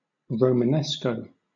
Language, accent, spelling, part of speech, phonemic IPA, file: English, Southern England, Romanesco, noun / proper noun, /ɹəʊ.məˈnɛs.kəʊ/, LL-Q1860 (eng)-Romanesco.wav